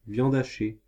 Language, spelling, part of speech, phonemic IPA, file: French, viande hachée, noun, /vjɑ̃d a.ʃe/, Fr-viande hachée.ogg
- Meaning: ground meat, minced meat